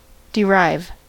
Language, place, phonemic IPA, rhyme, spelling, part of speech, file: English, California, /dɪˈɹaɪv/, -aɪv, derive, verb, En-us-derive.ogg
- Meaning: 1. To obtain or receive (something) from something else 2. To deduce (a conclusion) by reasoning 3. To find the derivation of (a word or phrase)